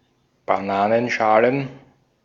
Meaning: plural of Bananenschale
- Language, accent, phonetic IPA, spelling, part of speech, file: German, Austria, [baˈnaːnənˌʃaːlən], Bananenschalen, noun, De-at-Bananenschalen.ogg